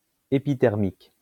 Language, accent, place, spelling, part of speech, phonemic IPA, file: French, France, Lyon, épithermique, adjective, /e.pi.tɛʁ.mik/, LL-Q150 (fra)-épithermique.wav
- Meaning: epithermal